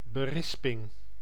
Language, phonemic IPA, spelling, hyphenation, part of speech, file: Dutch, /bəˈrɪs.pɪŋ/, berisping, be‧ris‧ping, noun, Nl-berisping.ogg
- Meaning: admonition, reprimand, scolding